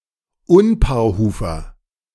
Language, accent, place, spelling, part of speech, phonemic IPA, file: German, Germany, Berlin, Unpaarhufer, noun, /ˈʊnpaːɐ̯ˌhuːfɐ/, De-Unpaarhufer.ogg
- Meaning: perissodactyl, odd-toed ungulate